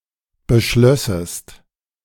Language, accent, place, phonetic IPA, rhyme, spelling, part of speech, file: German, Germany, Berlin, [bəˈʃlœsəst], -œsəst, beschlössest, verb, De-beschlössest.ogg
- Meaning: second-person singular subjunctive II of beschließen